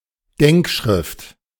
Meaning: memorandum
- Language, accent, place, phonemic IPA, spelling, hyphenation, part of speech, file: German, Germany, Berlin, /ˈdɛŋkˌʃʁɪft/, Denkschrift, Denk‧schrift, noun, De-Denkschrift.ogg